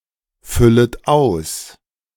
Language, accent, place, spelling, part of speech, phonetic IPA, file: German, Germany, Berlin, füllet aus, verb, [ˌfʏlət ˈaʊ̯s], De-füllet aus.ogg
- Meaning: second-person plural subjunctive I of ausfüllen